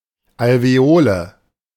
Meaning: alveolus
- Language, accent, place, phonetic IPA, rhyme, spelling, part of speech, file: German, Germany, Berlin, [alveˈoːlə], -oːlə, Alveole, noun, De-Alveole.ogg